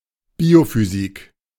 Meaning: biophysics
- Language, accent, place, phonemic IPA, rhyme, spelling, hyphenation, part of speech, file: German, Germany, Berlin, /ˈbiːofyˌziːk/, -iːk, Biophysik, Bio‧phy‧sik, noun, De-Biophysik.ogg